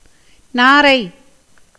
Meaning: 1. heron 2. stork
- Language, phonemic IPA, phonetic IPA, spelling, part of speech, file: Tamil, /nɑːɾɐɪ̯/, [näːɾɐɪ̯], நாரை, noun, Ta-நாரை.ogg